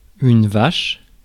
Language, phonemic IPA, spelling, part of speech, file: French, /vaʃ/, vache, noun / adjective, Fr-vache.ogg
- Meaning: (noun) cow (bovine); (adjective) 1. harsh 2. nasty